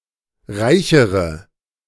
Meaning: inflection of reich: 1. strong/mixed nominative/accusative feminine singular comparative degree 2. strong nominative/accusative plural comparative degree
- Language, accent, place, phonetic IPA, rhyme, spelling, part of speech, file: German, Germany, Berlin, [ˈʁaɪ̯çəʁə], -aɪ̯çəʁə, reichere, adjective / verb, De-reichere.ogg